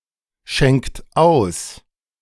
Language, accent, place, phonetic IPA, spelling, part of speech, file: German, Germany, Berlin, [ˌʃɛŋkt ˈaʊ̯s], schenkt aus, verb, De-schenkt aus.ogg
- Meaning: inflection of ausschenken: 1. third-person singular present 2. second-person plural present 3. plural imperative